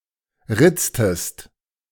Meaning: inflection of ritzen: 1. second-person singular preterite 2. second-person singular subjunctive II
- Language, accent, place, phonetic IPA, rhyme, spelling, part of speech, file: German, Germany, Berlin, [ˈʁɪt͡stəst], -ɪt͡stəst, ritztest, verb, De-ritztest.ogg